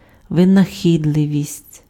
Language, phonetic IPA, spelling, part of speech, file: Ukrainian, [ʋenɐˈxʲidɫeʋʲisʲtʲ], винахідливість, noun, Uk-винахідливість.ogg
- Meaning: inventiveness, resourcefulness, ingenuity